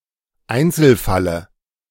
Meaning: dative singular of Einzelfall
- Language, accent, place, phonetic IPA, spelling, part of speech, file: German, Germany, Berlin, [ˈaɪ̯nt͡sl̩ˌfalə], Einzelfalle, noun, De-Einzelfalle.ogg